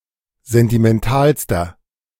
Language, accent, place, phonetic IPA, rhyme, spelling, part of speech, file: German, Germany, Berlin, [ˌzɛntimɛnˈtaːlstɐ], -aːlstɐ, sentimentalster, adjective, De-sentimentalster.ogg
- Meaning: inflection of sentimental: 1. strong/mixed nominative masculine singular superlative degree 2. strong genitive/dative feminine singular superlative degree 3. strong genitive plural superlative degree